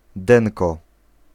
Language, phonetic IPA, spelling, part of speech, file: Polish, [ˈdɛ̃nkɔ], denko, noun, Pl-denko.ogg